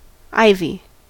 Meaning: 1. Any of several woody, climbing, or trailing evergreen plants of the genus Hedera 2. Any similar plant of any genus
- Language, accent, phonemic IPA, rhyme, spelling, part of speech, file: English, US, /ˈaɪvi/, -aɪvi, ivy, noun, En-us-ivy.ogg